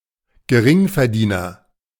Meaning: low-income person
- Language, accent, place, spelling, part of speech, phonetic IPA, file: German, Germany, Berlin, Geringverdiener, noun, [ɡəˈʁɪŋfɛɐ̯ˌdiːnɐ], De-Geringverdiener.ogg